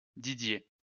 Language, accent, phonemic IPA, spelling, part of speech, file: French, France, /di.dje/, Didier, proper noun, LL-Q150 (fra)-Didier.wav
- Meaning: 1. a male given name, borne by two early French saints 2. a surname